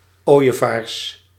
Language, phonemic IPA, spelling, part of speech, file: Dutch, /ˈojəˌvars/, ooievaars, noun, Nl-ooievaars.ogg
- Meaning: plural of ooievaar